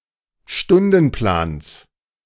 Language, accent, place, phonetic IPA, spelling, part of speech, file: German, Germany, Berlin, [ˈʃtʊndn̩ˌplaːns], Stundenplans, noun, De-Stundenplans.ogg
- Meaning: genitive of Stundenplan